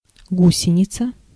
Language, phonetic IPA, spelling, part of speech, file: Russian, [ˈɡusʲɪnʲɪt͡sə], гусеница, noun, Ru-гусеница.ogg
- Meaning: 1. caterpillar (larva of a butterfly) 2. caterpillar track